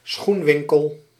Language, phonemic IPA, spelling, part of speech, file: Dutch, /ˈsxuɱwɪŋkəl/, schoenwinkel, noun, Nl-schoenwinkel.ogg
- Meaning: alternative form of schoenenwinkel (“shoe shop”)